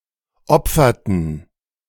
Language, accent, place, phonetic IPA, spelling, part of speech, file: German, Germany, Berlin, [ˈɔp͡fɐtn̩], opferten, verb, De-opferten.ogg
- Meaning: inflection of opfern: 1. first/third-person plural preterite 2. first/third-person plural subjunctive II